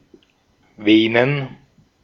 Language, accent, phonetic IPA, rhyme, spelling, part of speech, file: German, Austria, [ˈveːnən], -eːnən, Venen, noun, De-at-Venen.ogg
- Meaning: plural of Vene